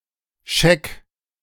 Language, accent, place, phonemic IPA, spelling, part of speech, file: German, Germany, Berlin, /ʃɛk/, Scheck, noun, De-Scheck.ogg
- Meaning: check, cheque